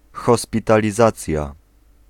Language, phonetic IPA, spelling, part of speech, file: Polish, [ˌxɔspʲitalʲiˈzat͡sʲja], hospitalizacja, noun, Pl-hospitalizacja.ogg